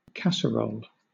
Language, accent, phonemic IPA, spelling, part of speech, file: English, Southern England, /ˈkæs.əˌɹoʊl/, casserole, noun / verb, LL-Q1860 (eng)-casserole.wav
- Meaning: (noun) 1. A dish of glass or earthenware, with a lid, in which food is baked and sometimes served 2. Food, such as a stew, cooked in such a dish